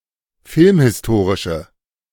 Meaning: inflection of filmhistorisch: 1. strong/mixed nominative/accusative feminine singular 2. strong nominative/accusative plural 3. weak nominative all-gender singular
- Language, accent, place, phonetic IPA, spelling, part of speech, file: German, Germany, Berlin, [ˈfɪlmhɪsˌtoːʁɪʃə], filmhistorische, adjective, De-filmhistorische.ogg